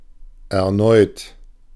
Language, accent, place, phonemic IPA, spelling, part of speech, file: German, Germany, Berlin, /ɛʁˈnɔɪ̯t/, erneut, verb / adjective / adverb, De-erneut.ogg
- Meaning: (verb) past participle of erneuen; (adjective) 1. renewed 2. repeated; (adverb) again, anew